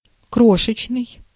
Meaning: tiny, wee, diminutive
- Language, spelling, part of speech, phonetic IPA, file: Russian, крошечный, adjective, [ˈkroʂɨt͡ɕnɨj], Ru-крошечный.ogg